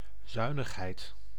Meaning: frugality
- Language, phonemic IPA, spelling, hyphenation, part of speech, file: Dutch, /ˈzœy̯.nəxˌɦɛi̯t/, zuinigheid, zui‧nig‧heid, noun, Nl-zuinigheid.ogg